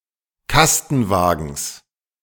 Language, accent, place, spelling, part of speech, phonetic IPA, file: German, Germany, Berlin, Kastenwagens, noun, [ˈkastn̩ˌvaːɡn̩s], De-Kastenwagens.ogg
- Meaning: genitive singular of Kastenwagen